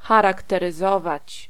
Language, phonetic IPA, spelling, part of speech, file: Polish, [ˌxaraktɛrɨˈzɔvat͡ɕ], charakteryzować, verb, Pl-charakteryzować.ogg